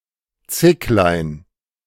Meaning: diminutive of Zicke; kid, young goat
- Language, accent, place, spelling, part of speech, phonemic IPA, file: German, Germany, Berlin, Zicklein, noun, /ˈt͡sɪklaɪ̯n/, De-Zicklein.ogg